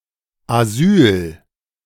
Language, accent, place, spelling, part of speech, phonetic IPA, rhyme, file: German, Germany, Berlin, Asyl, noun, [aˈzyːl], -yːl, De-Asyl.ogg
- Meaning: 1. asylum (shelter, refuge) 2. political asylum, right of asylum